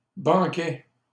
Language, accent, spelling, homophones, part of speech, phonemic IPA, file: French, Canada, banquais, banquaient / banquait, verb, /bɑ̃.kɛ/, LL-Q150 (fra)-banquais.wav
- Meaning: first/second-person singular imperfect indicative of banquer